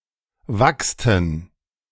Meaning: first/third-person plural preterite of wachsen (“to wax”)
- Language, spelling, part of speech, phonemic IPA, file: German, wachsten, verb, /ˈvakstən/, De-wachsten.ogg